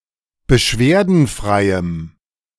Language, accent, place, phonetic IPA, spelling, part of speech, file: German, Germany, Berlin, [bəˈʃveːɐ̯dn̩ˌfʁaɪ̯əm], beschwerdenfreiem, adjective, De-beschwerdenfreiem.ogg
- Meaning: strong dative masculine/neuter singular of beschwerdenfrei